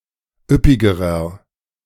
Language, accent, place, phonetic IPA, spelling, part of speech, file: German, Germany, Berlin, [ˈʏpɪɡəʁɐ], üppigerer, adjective, De-üppigerer.ogg
- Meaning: inflection of üppig: 1. strong/mixed nominative masculine singular comparative degree 2. strong genitive/dative feminine singular comparative degree 3. strong genitive plural comparative degree